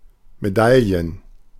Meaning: plural of Medaille
- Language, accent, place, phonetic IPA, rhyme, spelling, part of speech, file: German, Germany, Berlin, [meˈdaljən], -aljən, Medaillen, noun, De-Medaillen.ogg